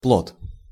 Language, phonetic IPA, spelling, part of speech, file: Russian, [pɫot], плот, noun, Ru-плот.ogg
- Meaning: raft